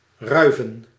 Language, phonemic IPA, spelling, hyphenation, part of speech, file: Dutch, /ˈrœy̯.və(n)/, ruiven, rui‧ven, verb / noun, Nl-ruiven.ogg
- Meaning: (verb) to molt (of feathers and fur); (noun) plural of ruif